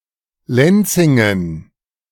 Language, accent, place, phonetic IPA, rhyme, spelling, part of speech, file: German, Germany, Berlin, [ˈlɛnt͡sɪŋən], -ɛnt͡sɪŋən, Lenzingen, noun, De-Lenzingen.ogg
- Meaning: dative plural of Lenzing